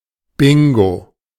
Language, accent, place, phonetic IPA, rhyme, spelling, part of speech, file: German, Germany, Berlin, [ˈbɪŋɡo], -ɪŋɡo, Bingo, noun, De-Bingo.ogg
- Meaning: bingo (game)